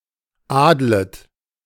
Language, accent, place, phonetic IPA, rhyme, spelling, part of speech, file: German, Germany, Berlin, [ˈaːdlət], -aːdlət, adlet, verb, De-adlet.ogg
- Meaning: second-person plural subjunctive I of adeln